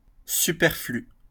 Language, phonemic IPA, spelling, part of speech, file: French, /sy.pɛʁ.fly/, superflu, adjective, LL-Q150 (fra)-superflu.wav
- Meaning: superfluous